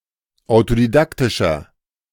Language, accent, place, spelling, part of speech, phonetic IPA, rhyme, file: German, Germany, Berlin, autodidaktischer, adjective, [aʊ̯todiˈdaktɪʃɐ], -aktɪʃɐ, De-autodidaktischer.ogg
- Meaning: inflection of autodidaktisch: 1. strong/mixed nominative masculine singular 2. strong genitive/dative feminine singular 3. strong genitive plural